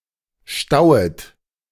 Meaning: second-person plural subjunctive I of stauen
- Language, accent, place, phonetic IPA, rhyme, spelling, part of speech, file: German, Germany, Berlin, [ˈʃtaʊ̯ət], -aʊ̯ət, stauet, verb, De-stauet.ogg